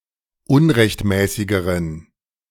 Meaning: inflection of unrechtmäßig: 1. strong genitive masculine/neuter singular comparative degree 2. weak/mixed genitive/dative all-gender singular comparative degree
- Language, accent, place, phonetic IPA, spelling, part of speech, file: German, Germany, Berlin, [ˈʊnʁɛçtˌmɛːsɪɡəʁən], unrechtmäßigeren, adjective, De-unrechtmäßigeren.ogg